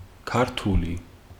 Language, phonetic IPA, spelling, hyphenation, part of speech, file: Georgian, [kʰäɾtʰuli], ქართული, ქარ‧თუ‧ლი, proper noun / adjective, Ka-ქართული.ogg
- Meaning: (proper noun) Georgian language; the official language of Georgia; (adjective) Of, from, or pertaining to the country of Georgia; Georgian